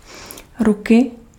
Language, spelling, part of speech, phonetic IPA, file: Czech, ruky, noun, [ˈrukɪ], Cs-ruky.ogg
- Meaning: genitive singular of ruka